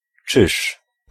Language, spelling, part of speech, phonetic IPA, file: Polish, czyż, particle / noun / interjection, [t͡ʃɨʃ], Pl-czyż.ogg